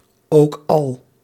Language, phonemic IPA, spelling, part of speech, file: Dutch, /ˈoːk ˌɑl/, ook al, conjunction, Nl-ook al.ogg
- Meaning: even though, despite that